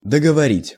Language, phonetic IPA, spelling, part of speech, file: Russian, [dəɡəvɐˈrʲitʲ], договорить, verb, Ru-договорить.ogg
- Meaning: to finish speaking/saying/telling